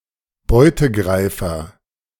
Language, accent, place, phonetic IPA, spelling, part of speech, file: German, Germany, Berlin, [ˈbɔɪ̯təˌɡʁaɪ̯fɐ], Beutegreifer, noun, De-Beutegreifer.ogg
- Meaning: predator (an animal that hunts other animals)